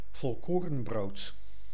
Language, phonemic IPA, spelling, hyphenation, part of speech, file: Dutch, /vɔlˈkoː.rə(n)ˌbroːt/, volkorenbrood, vol‧ko‧ren‧brood, noun, Nl-volkorenbrood.ogg
- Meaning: wholemeal bread; a loaf of wholemeal bread